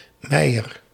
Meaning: a surname
- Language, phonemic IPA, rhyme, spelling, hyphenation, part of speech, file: Dutch, /ˈmɛi̯.ər/, -ɛi̯ər, Meijer, Meij‧er, proper noun, Nl-Meijer.ogg